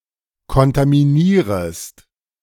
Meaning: second-person singular subjunctive I of kontaminieren
- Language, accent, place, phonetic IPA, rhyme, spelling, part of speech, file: German, Germany, Berlin, [kɔntamiˈniːʁəst], -iːʁəst, kontaminierest, verb, De-kontaminierest.ogg